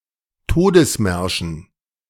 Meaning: dative plural of Todesmarsch
- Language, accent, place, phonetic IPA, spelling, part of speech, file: German, Germany, Berlin, [ˈtoːdəsˌmɛʁʃn̩], Todesmärschen, noun, De-Todesmärschen.ogg